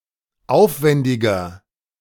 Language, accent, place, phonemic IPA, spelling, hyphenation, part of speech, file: German, Germany, Berlin, /ˈʔaʊ̯fvɛndɪɡɐ/, aufwändiger, auf‧wän‧di‧ger, adjective, De-aufwändiger.ogg
- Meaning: 1. comparative degree of aufwändig 2. inflection of aufwändig: strong/mixed nominative masculine singular 3. inflection of aufwändig: strong genitive/dative feminine singular